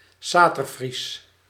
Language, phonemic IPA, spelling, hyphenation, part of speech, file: Dutch, /ˈsaː.tərˌfris/, Saterfries, Sa‧ter‧fries, proper noun, Nl-Saterfries.ogg
- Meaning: Saterland Frisian, Saterlandic